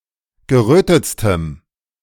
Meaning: strong dative masculine/neuter singular superlative degree of gerötet
- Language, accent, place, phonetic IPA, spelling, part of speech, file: German, Germany, Berlin, [ɡəˈʁøːtət͡stəm], gerötetstem, adjective, De-gerötetstem.ogg